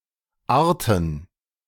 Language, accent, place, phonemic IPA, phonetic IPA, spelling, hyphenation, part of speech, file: German, Germany, Berlin, /ˈaːɐ̯tən/, [ˈʔaːɐ̯tn̩], arten, ar‧ten, verb, De-arten.ogg
- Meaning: to become [with nach (+ dative) ‘like’]